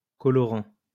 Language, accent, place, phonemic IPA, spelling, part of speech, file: French, France, Lyon, /kɔ.lɔ.ʁɑ̃/, colorant, noun / verb, LL-Q150 (fra)-colorant.wav
- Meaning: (noun) 1. food colouring 2. colouring in general; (verb) present participle of colorer